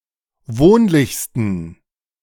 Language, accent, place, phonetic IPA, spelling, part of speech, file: German, Germany, Berlin, [ˈvoːnlɪçstn̩], wohnlichsten, adjective, De-wohnlichsten.ogg
- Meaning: 1. superlative degree of wohnlich 2. inflection of wohnlich: strong genitive masculine/neuter singular superlative degree